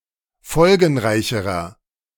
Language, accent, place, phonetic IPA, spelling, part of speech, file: German, Germany, Berlin, [ˈfɔlɡn̩ˌʁaɪ̯çəʁɐ], folgenreicherer, adjective, De-folgenreicherer.ogg
- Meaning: inflection of folgenreich: 1. strong/mixed nominative masculine singular comparative degree 2. strong genitive/dative feminine singular comparative degree 3. strong genitive plural comparative degree